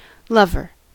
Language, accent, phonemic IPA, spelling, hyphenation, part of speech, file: English, US, /ˈlʌvɚ/, lover, lov‧er, noun, En-us-lover.ogg
- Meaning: One who loves and cares for another person in a romantic way; a sweetheart, love, soulmate, boyfriend, girlfriend, or spouse